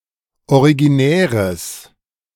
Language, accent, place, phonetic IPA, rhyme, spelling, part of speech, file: German, Germany, Berlin, [oʁiɡiˈnɛːʁəs], -ɛːʁəs, originäres, adjective, De-originäres.ogg
- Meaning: strong/mixed nominative/accusative neuter singular of originär